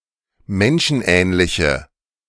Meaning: inflection of menschenähnlich: 1. strong/mixed nominative/accusative feminine singular 2. strong nominative/accusative plural 3. weak nominative all-gender singular
- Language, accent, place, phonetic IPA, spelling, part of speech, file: German, Germany, Berlin, [ˈmɛnʃn̩ˌʔɛːnlɪçə], menschenähnliche, adjective, De-menschenähnliche.ogg